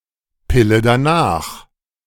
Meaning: morning-after pill
- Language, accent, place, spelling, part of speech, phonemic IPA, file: German, Germany, Berlin, Pille danach, noun, /ˈpɪlə daˈnaːx/, De-Pille danach.ogg